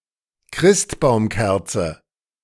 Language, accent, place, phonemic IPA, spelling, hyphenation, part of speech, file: German, Germany, Berlin, /ˈkʁɪstbaʊ̯mˌkɛʁt͡sə/, Christbaumkerze, Christ‧baum‧kerze, noun, De-Christbaumkerze.ogg
- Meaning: Christmas tree candles